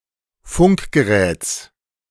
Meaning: genitive singular of Funkgerät
- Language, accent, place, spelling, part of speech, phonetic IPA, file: German, Germany, Berlin, Funkgeräts, noun, [ˈfʊŋkɡəˌʁɛːt͡s], De-Funkgeräts.ogg